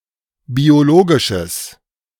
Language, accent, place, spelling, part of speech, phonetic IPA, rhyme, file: German, Germany, Berlin, biologisches, adjective, [bioˈloːɡɪʃəs], -oːɡɪʃəs, De-biologisches.ogg
- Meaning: strong/mixed nominative/accusative neuter singular of biologisch